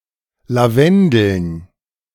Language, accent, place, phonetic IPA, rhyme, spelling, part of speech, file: German, Germany, Berlin, [laˈvɛndl̩n], -ɛndl̩n, Lavendeln, noun, De-Lavendeln.ogg
- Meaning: dative plural of Lavendel